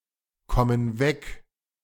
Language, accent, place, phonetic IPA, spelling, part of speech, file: German, Germany, Berlin, [ˌkɔmən ˈvɛk], kommen weg, verb, De-kommen weg.ogg
- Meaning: inflection of wegkommen: 1. first/third-person plural present 2. first/third-person plural subjunctive I